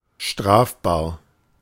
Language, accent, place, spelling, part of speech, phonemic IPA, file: German, Germany, Berlin, strafbar, adjective, /ˈʃtʁaːfbaːɐ̯/, De-strafbar.ogg
- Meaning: 1. liable to criminal prosecution; criminal (for which the law provides a criminal punishment) 2. criminally punishable (to or for which a criminal punishment can be meted out)